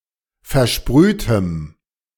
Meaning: strong dative masculine/neuter singular of versprüht
- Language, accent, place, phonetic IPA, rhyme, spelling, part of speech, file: German, Germany, Berlin, [fɛɐ̯ˈʃpʁyːtəm], -yːtəm, versprühtem, adjective, De-versprühtem.ogg